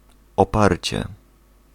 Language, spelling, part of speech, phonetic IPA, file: Polish, oparcie, noun, [ɔˈparʲt͡ɕɛ], Pl-oparcie.ogg